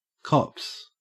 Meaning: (noun) 1. plural of cop 2. The police, considered as a group entity; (verb) third-person singular simple present indicative of cop; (noun) The connecting crook of a harrow
- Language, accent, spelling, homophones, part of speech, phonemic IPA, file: English, Australia, cops, copse, noun / verb, /kɔps/, En-au-cops.ogg